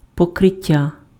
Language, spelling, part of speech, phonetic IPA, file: Ukrainian, покриття, noun, [pɔkreˈtʲːa], Uk-покриття.ogg
- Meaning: 1. covering 2. covering, protective layer 3. roof 4. lunar eclipse